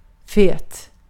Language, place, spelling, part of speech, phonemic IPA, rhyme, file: Swedish, Gotland, fet, adjective, /feːt/, -eːt, Sv-fet.ogg
- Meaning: 1. fat, obese (about people or animals) 2. containing much fat (about food)